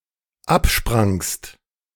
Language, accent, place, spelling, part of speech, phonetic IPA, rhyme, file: German, Germany, Berlin, absprangst, verb, [ˈapˌʃpʁaŋst], -apʃpʁaŋst, De-absprangst.ogg
- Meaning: second-person singular dependent preterite of abspringen